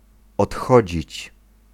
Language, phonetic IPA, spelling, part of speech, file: Polish, [ɔtˈxɔd͡ʑit͡ɕ], odchodzić, verb, Pl-odchodzić.ogg